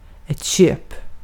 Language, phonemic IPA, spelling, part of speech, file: Swedish, /ɕøːp/, köp, noun / verb, Sv-köp.ogg
- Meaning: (noun) purchase; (verb) imperative of köpa